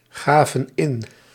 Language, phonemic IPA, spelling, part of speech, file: Dutch, /ˈɣavə(n) ˈɪn/, gaven in, verb, Nl-gaven in.ogg
- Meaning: inflection of ingeven: 1. plural past indicative 2. plural past subjunctive